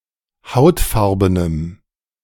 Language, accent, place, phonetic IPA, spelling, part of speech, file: German, Germany, Berlin, [ˈhaʊ̯tˌfaʁbənəm], hautfarbenem, adjective, De-hautfarbenem.ogg
- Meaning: strong dative masculine/neuter singular of hautfarben